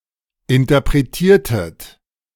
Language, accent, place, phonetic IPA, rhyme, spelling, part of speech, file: German, Germany, Berlin, [ɪntɐpʁeˈtiːɐ̯tət], -iːɐ̯tət, interpretiertet, verb, De-interpretiertet.ogg
- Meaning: inflection of interpretieren: 1. second-person plural preterite 2. second-person plural subjunctive II